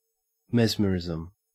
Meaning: The method or power of gaining control over someone's personality or actions
- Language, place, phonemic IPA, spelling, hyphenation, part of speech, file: English, Queensland, /ˈmez.məˌɹɪz.əm/, mesmerism, mes‧mer‧ism, noun, En-au-mesmerism.ogg